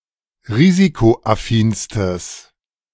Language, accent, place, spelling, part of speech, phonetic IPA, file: German, Germany, Berlin, risikoaffinstes, adjective, [ˈʁiːzikoʔaˌfiːnstəs], De-risikoaffinstes.ogg
- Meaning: strong/mixed nominative/accusative neuter singular superlative degree of risikoaffin